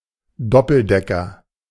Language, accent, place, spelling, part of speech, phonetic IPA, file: German, Germany, Berlin, Doppeldecker, noun, [ˈdɔpl̩ˌdɛkɐ], De-Doppeldecker.ogg
- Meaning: 1. biplane 2. double-decker bus 3. double penetration